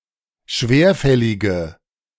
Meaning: inflection of schwerfällig: 1. strong/mixed nominative/accusative feminine singular 2. strong nominative/accusative plural 3. weak nominative all-gender singular
- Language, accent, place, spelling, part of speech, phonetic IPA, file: German, Germany, Berlin, schwerfällige, adjective, [ˈʃveːɐ̯ˌfɛlɪɡə], De-schwerfällige.ogg